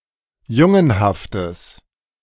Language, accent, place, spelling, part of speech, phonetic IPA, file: German, Germany, Berlin, jungenhaftes, adjective, [ˈjʊŋənhaftəs], De-jungenhaftes.ogg
- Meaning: strong/mixed nominative/accusative neuter singular of jungenhaft